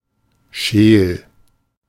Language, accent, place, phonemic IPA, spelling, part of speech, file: German, Germany, Berlin, /ʃeːl/, scheel, adjective, De-scheel.ogg
- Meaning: 1. cross-eyed 2. squinting 3. with a crooked look; looking disdainfully or aggressively from the side